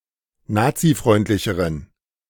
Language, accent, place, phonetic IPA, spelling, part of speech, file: German, Germany, Berlin, [ˈnaːt͡siˌfʁɔɪ̯ntlɪçəʁən], nazifreundlicheren, adjective, De-nazifreundlicheren.ogg
- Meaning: inflection of nazifreundlich: 1. strong genitive masculine/neuter singular comparative degree 2. weak/mixed genitive/dative all-gender singular comparative degree